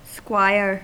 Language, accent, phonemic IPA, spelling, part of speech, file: English, US, /ˈskwaɪɚ/, squire, noun / verb, En-us-squire.ogg
- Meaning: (noun) 1. A shield-bearer or armor-bearer who attended a knight 2. A title of dignity next in degree below knight, and above gentleman. See esquire 3. A male attendant on a great personage